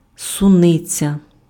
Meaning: strawberry (wild plant and fruit)
- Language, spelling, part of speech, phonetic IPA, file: Ukrainian, суниця, noun, [sʊˈnɪt͡sʲɐ], Uk-суниця.ogg